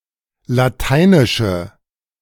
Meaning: inflection of Lateinisch: 1. strong/mixed nominative/accusative feminine singular 2. strong nominative/accusative plural 3. weak nominative all-gender singular
- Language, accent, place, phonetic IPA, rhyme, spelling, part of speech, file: German, Germany, Berlin, [laˈtaɪ̯nɪʃə], -aɪ̯nɪʃə, Lateinische, noun, De-Lateinische.ogg